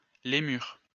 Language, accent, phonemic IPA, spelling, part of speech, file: French, France, /le.myʁ/, lémur, noun, LL-Q150 (fra)-lémur.wav
- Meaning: lemur (any animal of the prosimians, making up the infraorder Lemuriformes)